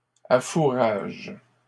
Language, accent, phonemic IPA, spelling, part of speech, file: French, Canada, /a.fu.ʁaʒ/, affourages, verb, LL-Q150 (fra)-affourages.wav
- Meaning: second-person singular present indicative/subjunctive of affourager